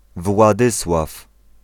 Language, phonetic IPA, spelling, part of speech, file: Polish, [vwaˈdɨswaf], Władysław, proper noun / noun, Pl-Władysław.ogg